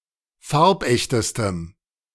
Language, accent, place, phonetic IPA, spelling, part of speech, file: German, Germany, Berlin, [ˈfaʁpˌʔɛçtəstəm], farbechtestem, adjective, De-farbechtestem.ogg
- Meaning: strong dative masculine/neuter singular superlative degree of farbecht